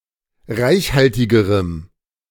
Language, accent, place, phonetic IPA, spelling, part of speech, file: German, Germany, Berlin, [ˈʁaɪ̯çˌhaltɪɡəʁəm], reichhaltigerem, adjective, De-reichhaltigerem.ogg
- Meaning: strong dative masculine/neuter singular comparative degree of reichhaltig